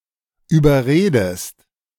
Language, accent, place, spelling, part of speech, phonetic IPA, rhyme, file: German, Germany, Berlin, überredest, verb, [yːbɐˈʁeːdəst], -eːdəst, De-überredest.ogg
- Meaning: inflection of überreden: 1. second-person singular present 2. second-person singular subjunctive I